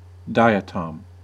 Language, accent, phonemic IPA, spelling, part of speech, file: English, US, /ˈdaɪ.əˌtɔm/, diatom, noun, En-us-diatom.ogg
- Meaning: Any of a group of minute unicellular algae having a siliceous covering of great delicacy, now categorized as class Diatomophyceae or division Bacillariophyta